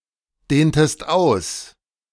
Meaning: inflection of ausdehnen: 1. second-person singular preterite 2. second-person singular subjunctive II
- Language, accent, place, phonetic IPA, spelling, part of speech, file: German, Germany, Berlin, [ˌdeːntəst ˈaʊ̯s], dehntest aus, verb, De-dehntest aus.ogg